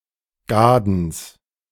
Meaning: genitive of Gaden
- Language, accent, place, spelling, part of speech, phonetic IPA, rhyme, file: German, Germany, Berlin, Gadens, noun, [ˈɡaːdn̩s], -aːdn̩s, De-Gadens.ogg